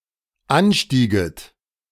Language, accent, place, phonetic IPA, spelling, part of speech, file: German, Germany, Berlin, [ˈanˌʃtiːɡət], anstieget, verb, De-anstieget.ogg
- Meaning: second-person plural dependent subjunctive II of ansteigen